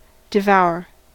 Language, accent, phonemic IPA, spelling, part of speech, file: English, US, /dɪˈvaʊɚ/, devour, verb, En-us-devour.ogg
- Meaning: 1. To eat quickly, greedily, hungrily, or ravenously 2. To rapidly destroy, engulf, or lay waste 3. To take in avidly with the intellect or with one's gaze